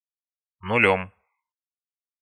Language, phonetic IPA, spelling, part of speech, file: Russian, [nʊˈlʲɵm], нулём, noun, Ru-нулём.ogg
- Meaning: 1. instrumental singular of нуль (nulʹ) 2. instrumental singular of ноль (nolʹ)